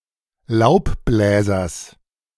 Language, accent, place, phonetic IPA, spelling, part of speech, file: German, Germany, Berlin, [ˈlaʊ̯pˌblɛːzɐs], Laubbläsers, noun, De-Laubbläsers.ogg
- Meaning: genitive singular of Laubbläser